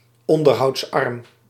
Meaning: requiring little maintenance, low-maintenance
- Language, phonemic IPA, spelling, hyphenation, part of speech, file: Dutch, /ˌɔn.dər.ɦɑu̯tsˈɑrm/, onderhoudsarm, on‧der‧houds‧arm, adjective, Nl-onderhoudsarm.ogg